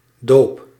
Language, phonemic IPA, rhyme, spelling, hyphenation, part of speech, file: Dutch, /doːp/, -oːp, doop, doop, noun / verb, Nl-doop.ogg
- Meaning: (noun) 1. baptism 2. christening 3. hazing; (verb) inflection of dopen: 1. first-person singular present indicative 2. second-person singular present indicative 3. imperative